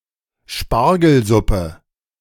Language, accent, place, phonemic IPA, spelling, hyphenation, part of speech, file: German, Germany, Berlin, /ˈʃpaʁɡl̩ˌzʊpə/, Spargelsuppe, Spar‧gel‧sup‧pe, noun, De-Spargelsuppe.ogg
- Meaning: asparagus soup